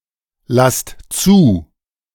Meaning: inflection of zulassen: 1. second-person plural present 2. plural imperative
- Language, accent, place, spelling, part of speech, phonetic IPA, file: German, Germany, Berlin, lasst zu, verb, [ˌlast ˈt͡suː], De-lasst zu.ogg